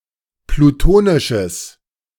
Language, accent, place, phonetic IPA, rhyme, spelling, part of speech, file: German, Germany, Berlin, [pluˈtoːnɪʃəs], -oːnɪʃəs, plutonisches, adjective, De-plutonisches.ogg
- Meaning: strong/mixed nominative/accusative neuter singular of plutonisch